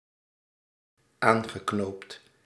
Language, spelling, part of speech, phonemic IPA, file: Dutch, aangeknoopt, verb, /ˈaŋɣəˌknopt/, Nl-aangeknoopt.ogg
- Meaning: past participle of aanknopen